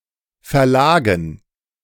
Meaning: dative plural of Verlag
- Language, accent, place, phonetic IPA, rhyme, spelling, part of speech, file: German, Germany, Berlin, [fɛɐ̯ˈlaːɡn̩], -aːɡn̩, Verlagen, noun, De-Verlagen.ogg